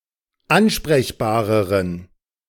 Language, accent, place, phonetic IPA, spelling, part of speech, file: German, Germany, Berlin, [ˈanʃpʁɛçbaːʁəʁən], ansprechbareren, adjective, De-ansprechbareren.ogg
- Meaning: inflection of ansprechbar: 1. strong genitive masculine/neuter singular comparative degree 2. weak/mixed genitive/dative all-gender singular comparative degree